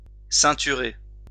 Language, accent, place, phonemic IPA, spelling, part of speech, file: French, France, Lyon, /sɛ̃.ty.ʁe/, ceinturer, verb, LL-Q150 (fra)-ceinturer.wav
- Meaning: 1. to belt; belt up; girt; put a belt (or something similar) around 2. to wrap; wrap up 3. to surround